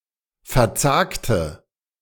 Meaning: inflection of verzagen: 1. first/third-person singular preterite 2. first/third-person singular subjunctive II
- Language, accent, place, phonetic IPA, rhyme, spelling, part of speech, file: German, Germany, Berlin, [fɛɐ̯ˈt͡saːktə], -aːktə, verzagte, adjective / verb, De-verzagte.ogg